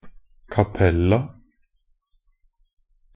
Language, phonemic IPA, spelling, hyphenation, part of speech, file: Norwegian Bokmål, /kaˈpɛlːa/, cappella, cap‧pel‧la, adverb, NB - Pronunciation of Norwegian Bokmål «cappella».ogg
- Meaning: only used in a cappella (“a cappella”)